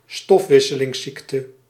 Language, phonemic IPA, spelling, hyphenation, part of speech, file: Dutch, /ˈstɔf.ʋɪ.sə.lɪŋ(s)ˌsik.tə/, stofwisselingsziekte, stof‧wis‧se‧lings‧ziek‧te, noun, Nl-stofwisselingsziekte.ogg
- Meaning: a metabolic disease